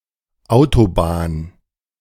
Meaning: motorway (Britain, Ireland, New Zealand), freeway (Australia, Canada, US), highway (parts of the US), expressway (parts of Canada, parts of the US), controlled-access highway
- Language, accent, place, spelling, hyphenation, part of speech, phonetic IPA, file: German, Germany, Berlin, Autobahn, Au‧to‧bahn, noun, [ˈʔaʊ̯toˌbaːn], De-Autobahn2.ogg